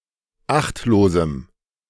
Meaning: strong dative masculine/neuter singular of achtlos
- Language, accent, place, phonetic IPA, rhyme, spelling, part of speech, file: German, Germany, Berlin, [ˈaxtloːzm̩], -axtloːzm̩, achtlosem, adjective, De-achtlosem.ogg